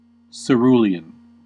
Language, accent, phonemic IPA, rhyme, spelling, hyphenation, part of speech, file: English, US, /səˈɹuːli.ən/, -uːliən, cerulean, ce‧ru‧le‧an, noun / adjective, En-us-cerulean.ogg
- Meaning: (noun) 1. A greenish-blue color 2. Any of various lycaenid butterflies of the genus Jamides; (adjective) Sky-blue